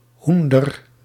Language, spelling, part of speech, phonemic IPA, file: Dutch, hoender, noun, /ˈɦun.dər/, Nl-hoender.ogg
- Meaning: 1. alternative form of hoen 2. a type of deep basket for cherries